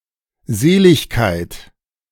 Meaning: 1. salvation 2. beatitude
- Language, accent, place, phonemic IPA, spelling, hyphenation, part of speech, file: German, Germany, Berlin, /ˈzeːlɪçkaɪ̯t/, Seligkeit, Se‧lig‧keit, noun, De-Seligkeit.ogg